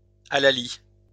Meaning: halloo (hunting cry)
- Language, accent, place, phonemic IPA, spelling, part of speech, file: French, France, Lyon, /a.la.li/, hallali, noun, LL-Q150 (fra)-hallali.wav